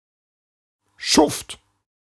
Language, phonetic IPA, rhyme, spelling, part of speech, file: German, [ʃʊft], -ʊft, Schuft, noun, De-Schuft.ogg
- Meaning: scoundrel, villain